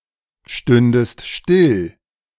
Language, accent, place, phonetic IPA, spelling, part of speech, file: German, Germany, Berlin, [ˌʃtʏndəst ˈʃʃtɪl], stündest still, verb, De-stündest still.ogg
- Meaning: second-person singular subjunctive II of stillstehen